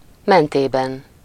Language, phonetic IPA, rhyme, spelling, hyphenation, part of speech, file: Hungarian, [ˈmɛnteːbɛn], -ɛn, mentében, men‧té‧ben, postposition / adverb, Hu-mentében.ogg
- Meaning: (postposition) along; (adverb) on the way, as he/she/it went